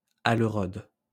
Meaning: whitefly
- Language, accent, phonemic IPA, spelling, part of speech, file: French, France, /a.lœ.ʁɔd/, aleurode, noun, LL-Q150 (fra)-aleurode.wav